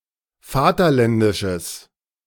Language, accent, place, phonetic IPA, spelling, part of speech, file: German, Germany, Berlin, [ˈfaːtɐˌlɛndɪʃəs], vaterländisches, adjective, De-vaterländisches.ogg
- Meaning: strong/mixed nominative/accusative neuter singular of vaterländisch